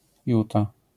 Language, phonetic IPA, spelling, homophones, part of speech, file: Polish, [ˈjuta], juta, Utah, noun, LL-Q809 (pol)-juta.wav